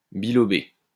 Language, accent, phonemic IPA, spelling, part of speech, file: French, France, /bi.lɔ.be/, bilobé, adjective, LL-Q150 (fra)-bilobé.wav
- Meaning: bilobed, bilobate (having two lobes)